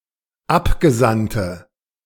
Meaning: 1. female equivalent of Abgesandter: female emissary 2. inflection of Abgesandter: strong nominative/accusative plural 3. inflection of Abgesandter: weak nominative singular
- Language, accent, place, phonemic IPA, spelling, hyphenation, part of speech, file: German, Germany, Berlin, /ˈapɡəˌzantə/, Abgesandte, Ab‧ge‧sand‧te, noun, De-Abgesandte.ogg